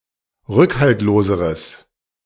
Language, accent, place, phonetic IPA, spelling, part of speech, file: German, Germany, Berlin, [ˈʁʏkhaltloːzəʁəs], rückhaltloseres, adjective, De-rückhaltloseres.ogg
- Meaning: strong/mixed nominative/accusative neuter singular comparative degree of rückhaltlos